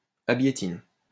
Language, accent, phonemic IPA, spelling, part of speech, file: French, France, /a.bje.tin/, abiétine, adjective, LL-Q150 (fra)-abiétine.wav
- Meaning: feminine singular of abiétin